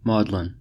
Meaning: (noun) 1. The Magdalene; Mary Magdalene 2. Either of two aromatic plants, costmary or sweet yarrow 3. A Magdalene house; a brothel
- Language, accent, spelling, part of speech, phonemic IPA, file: English, US, maudlin, noun / adjective, /ˈmɔːd.lɪn/, En-us-maudlin.ogg